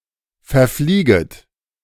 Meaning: second-person plural subjunctive I of verfliegen
- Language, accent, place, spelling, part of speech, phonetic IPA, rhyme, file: German, Germany, Berlin, verflieget, verb, [fɛɐ̯ˈfliːɡət], -iːɡət, De-verflieget.ogg